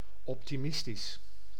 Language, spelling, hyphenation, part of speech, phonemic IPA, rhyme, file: Dutch, optimistisch, op‧ti‧mis‧tisch, adjective, /ɔp.tiˈmɪs.tis/, -ɪstis, Nl-optimistisch.ogg
- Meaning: optimistic